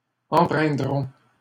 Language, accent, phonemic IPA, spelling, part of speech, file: French, Canada, /ɑ̃.pʁɛ̃.dʁɔ̃/, empreindrons, verb, LL-Q150 (fra)-empreindrons.wav
- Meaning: first-person plural simple future of empreindre